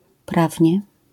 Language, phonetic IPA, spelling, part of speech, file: Polish, [ˈpravʲɲɛ], prawnie, adverb, LL-Q809 (pol)-prawnie.wav